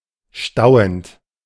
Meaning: present participle of stauen
- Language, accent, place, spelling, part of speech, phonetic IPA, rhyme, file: German, Germany, Berlin, stauend, verb, [ˈʃtaʊ̯ənt], -aʊ̯ənt, De-stauend.ogg